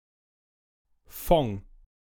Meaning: alternative form of von
- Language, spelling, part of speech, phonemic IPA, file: German, vong, preposition, /fɔŋ/, De-vong.ogg